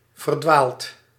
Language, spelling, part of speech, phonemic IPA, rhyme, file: Dutch, verdwaald, adjective / verb, /vər.ˈdʋaːlt/, -aːlt, Nl-verdwaald.ogg
- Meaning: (adjective) lost; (verb) past participle of verdwalen